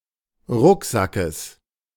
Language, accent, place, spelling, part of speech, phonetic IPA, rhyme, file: German, Germany, Berlin, Rucksackes, noun, [ˈʁʊkˌzakəs], -ʊkzakəs, De-Rucksackes.ogg
- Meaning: genitive singular of Rucksack